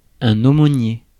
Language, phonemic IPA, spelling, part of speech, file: French, /o.mo.nje/, aumônier, noun, Fr-aumônier.ogg
- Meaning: 1. almoner 2. chaplain